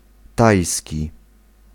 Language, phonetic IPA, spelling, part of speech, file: Polish, [ˈtajsʲci], tajski, adjective / noun, Pl-tajski.ogg